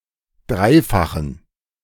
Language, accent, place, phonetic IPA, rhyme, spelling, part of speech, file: German, Germany, Berlin, [ˈdʁaɪ̯faxn̩], -aɪ̯faxn̩, dreifachen, adjective, De-dreifachen.ogg
- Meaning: inflection of dreifach: 1. strong genitive masculine/neuter singular 2. weak/mixed genitive/dative all-gender singular 3. strong/weak/mixed accusative masculine singular 4. strong dative plural